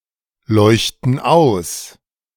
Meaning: inflection of ausleuchten: 1. first/third-person plural present 2. first/third-person plural subjunctive I
- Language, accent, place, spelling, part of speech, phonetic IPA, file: German, Germany, Berlin, leuchten aus, verb, [ˌlɔɪ̯çtn̩ ˈaʊ̯s], De-leuchten aus.ogg